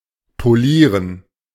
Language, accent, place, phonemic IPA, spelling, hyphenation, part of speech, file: German, Germany, Berlin, /poˈliːʁən/, polieren, po‧lie‧ren, verb, De-polieren.ogg
- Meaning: to shine (to polish)